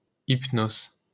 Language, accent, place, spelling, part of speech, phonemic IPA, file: French, France, Paris, Hypnos, proper noun, /ip.nos/, LL-Q150 (fra)-Hypnos.wav
- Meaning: Hypnos